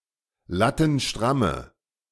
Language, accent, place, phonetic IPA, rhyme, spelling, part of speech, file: German, Germany, Berlin, [ˌlatn̩ˈʃtʁamə], -amə, lattenstramme, adjective, De-lattenstramme.ogg
- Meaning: inflection of lattenstramm: 1. strong/mixed nominative/accusative feminine singular 2. strong nominative/accusative plural 3. weak nominative all-gender singular